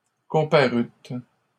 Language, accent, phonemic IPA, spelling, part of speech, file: French, Canada, /kɔ̃.pa.ʁyt/, comparûtes, verb, LL-Q150 (fra)-comparûtes.wav
- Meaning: second-person plural past historic of comparaître